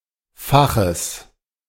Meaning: genitive singular of Fach
- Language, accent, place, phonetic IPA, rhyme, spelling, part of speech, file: German, Germany, Berlin, [ˈfaxəs], -axəs, Faches, noun, De-Faches.ogg